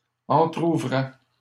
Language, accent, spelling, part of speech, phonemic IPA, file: French, Canada, entrouvrais, verb, /ɑ̃.tʁu.vʁɛ/, LL-Q150 (fra)-entrouvrais.wav
- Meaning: first/second-person singular imperfect indicative of entrouvrir